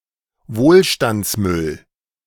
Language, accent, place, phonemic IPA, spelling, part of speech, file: German, Germany, Berlin, /ˈvoːlʃtant͡sˌmʏl/, Wohlstandsmüll, noun, De-Wohlstandsmüll.ogg
- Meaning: consumer waste